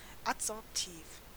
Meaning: adsorptive
- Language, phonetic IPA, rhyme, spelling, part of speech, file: German, [atzɔʁpˈtiːf], -iːf, adsorptiv, adjective, De-adsorptiv.ogg